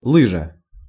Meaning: 1. ski (one of a pair of long flat runners designed for gliding over snow) 2. runner (on a sleigh or sled)
- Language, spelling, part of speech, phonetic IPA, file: Russian, лыжа, noun, [ˈɫɨʐə], Ru-лыжа.ogg